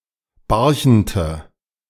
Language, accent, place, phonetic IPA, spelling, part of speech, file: German, Germany, Berlin, [ˈbaʁçn̩tə], Barchente, noun, De-Barchente.ogg
- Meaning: 1. nominative plural of Barchent 2. genitive plural of Barchent 3. accusative plural of Barchent 4. dative singular of Barchent